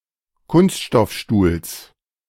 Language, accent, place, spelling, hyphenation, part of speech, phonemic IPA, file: German, Germany, Berlin, Kunststoffstuhls, Kunst‧stoff‧stuhls, noun, /ˈkʊnstʃtɔfˌʃtuːls/, De-Kunststoffstuhls.ogg
- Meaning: genitive singular of Kunststoffstuhl